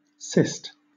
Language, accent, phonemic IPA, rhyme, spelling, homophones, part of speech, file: English, Southern England, /sɪst/, -ɪst, sist, cist / cyst, verb / noun, LL-Q1860 (eng)-sist.wav
- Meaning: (verb) 1. To stay (e.g. judicial proceedings); to delay or suspend; to stop 2. to cause to take a place, as at the bar of a court; hence, to cite; to summon; to bring into court